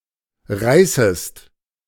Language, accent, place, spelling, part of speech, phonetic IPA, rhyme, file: German, Germany, Berlin, reißest, verb, [ˈʁaɪ̯səst], -aɪ̯səst, De-reißest.ogg
- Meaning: second-person singular subjunctive I of reißen